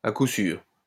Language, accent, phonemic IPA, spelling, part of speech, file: French, France, /a ku syʁ/, à coup sûr, adverb, LL-Q150 (fra)-à coup sûr.wav
- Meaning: for sure, certainly